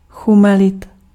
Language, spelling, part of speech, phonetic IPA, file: Czech, chumelit, verb, [ˈxumɛlɪt], Cs-chumelit.ogg
- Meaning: to snow densely